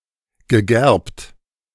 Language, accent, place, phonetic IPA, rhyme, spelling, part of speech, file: German, Germany, Berlin, [ɡəˈɡɛʁpt], -ɛʁpt, gegerbt, adjective / verb, De-gegerbt.ogg
- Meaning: past participle of gerben